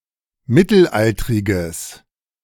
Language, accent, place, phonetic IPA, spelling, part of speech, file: German, Germany, Berlin, [ˈmɪtl̩ˌʔaltʁɪɡəs], mittelaltriges, adjective, De-mittelaltriges.ogg
- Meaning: strong/mixed nominative/accusative neuter singular of mittelaltrig